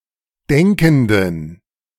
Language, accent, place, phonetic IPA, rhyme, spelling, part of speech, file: German, Germany, Berlin, [ˈdɛŋkn̩dən], -ɛŋkn̩dən, denkenden, adjective, De-denkenden.ogg
- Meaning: inflection of denkend: 1. strong genitive masculine/neuter singular 2. weak/mixed genitive/dative all-gender singular 3. strong/weak/mixed accusative masculine singular 4. strong dative plural